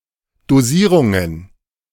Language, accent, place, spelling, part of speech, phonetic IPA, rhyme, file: German, Germany, Berlin, Dosierungen, noun, [doˈziːʁʊŋən], -iːʁʊŋən, De-Dosierungen.ogg
- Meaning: plural of Dosierung